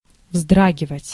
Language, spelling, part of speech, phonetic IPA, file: Russian, вздрагивать, verb, [ˈvzdraɡʲɪvətʲ], Ru-вздрагивать.ogg
- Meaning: to start, to startle, to flinch, to wince